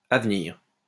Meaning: to come, coming, upcoming, future, ahead
- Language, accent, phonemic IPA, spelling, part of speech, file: French, France, /a v(ə).niʁ/, à venir, adjective, LL-Q150 (fra)-à venir.wav